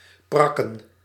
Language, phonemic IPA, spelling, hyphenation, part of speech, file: Dutch, /ˈprɑ.kə(n)/, prakken, prak‧ken, verb / noun, Nl-prakken.ogg
- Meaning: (verb) 1. to mash food, generally using a fork 2. to shovel material in sand (e.g. a dune) in order to stabilize it; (noun) plural of prak